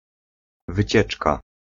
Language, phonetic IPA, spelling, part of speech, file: Polish, [vɨˈt͡ɕɛt͡ʃka], wycieczka, noun, Pl-wycieczka.ogg